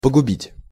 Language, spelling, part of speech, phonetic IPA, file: Russian, погубить, verb, [pəɡʊˈbʲitʲ], Ru-погубить.ogg
- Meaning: 1. to wreck, to destroy, to ruin 2. to kill (make useless) 3. to waste